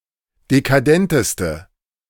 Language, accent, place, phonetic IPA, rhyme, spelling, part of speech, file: German, Germany, Berlin, [dekaˈdɛntəstə], -ɛntəstə, dekadenteste, adjective, De-dekadenteste.ogg
- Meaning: inflection of dekadent: 1. strong/mixed nominative/accusative feminine singular superlative degree 2. strong nominative/accusative plural superlative degree